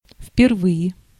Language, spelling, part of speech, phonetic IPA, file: Russian, впервые, adverb, [f⁽ʲ⁾pʲɪrˈvɨje], Ru-впервые.ogg
- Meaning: for the first time